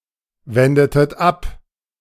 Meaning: inflection of abwenden: 1. second-person plural preterite 2. second-person plural subjunctive II
- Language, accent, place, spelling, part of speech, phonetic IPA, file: German, Germany, Berlin, wendetet ab, verb, [ˌvɛndətət ˈap], De-wendetet ab.ogg